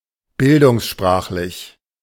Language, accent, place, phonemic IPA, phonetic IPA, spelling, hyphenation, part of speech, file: German, Germany, Berlin, /ˈbɪldʊŋsˌʃpʀaːxlɪç/, [ˈbɪldʊŋsˌʃpʀaːχlɪç], bildungssprachlich, bil‧dungs‧sprach‧lich, adjective, De-bildungssprachlich.ogg
- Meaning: educated, higher register, formal, erudite